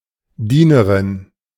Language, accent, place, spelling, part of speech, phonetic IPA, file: German, Germany, Berlin, Dienerin, noun, [ˈdiːnəʁɪn], De-Dienerin.ogg
- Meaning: female equivalent of Diener (“servant”)